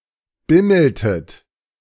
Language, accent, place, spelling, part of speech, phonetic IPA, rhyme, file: German, Germany, Berlin, bimmeltet, verb, [ˈbɪml̩tət], -ɪml̩tət, De-bimmeltet.ogg
- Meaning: inflection of bimmeln: 1. second-person plural preterite 2. second-person plural subjunctive II